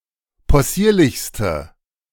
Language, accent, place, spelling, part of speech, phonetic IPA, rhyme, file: German, Germany, Berlin, possierlichste, adjective, [pɔˈsiːɐ̯lɪçstə], -iːɐ̯lɪçstə, De-possierlichste.ogg
- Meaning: inflection of possierlich: 1. strong/mixed nominative/accusative feminine singular superlative degree 2. strong nominative/accusative plural superlative degree